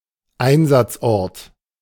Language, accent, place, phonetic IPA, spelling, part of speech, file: German, Germany, Berlin, [ˈaɪ̯nzat͡sˌʔɔʁt], Einsatzort, noun, De-Einsatzort.ogg
- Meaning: site (of a factory etc)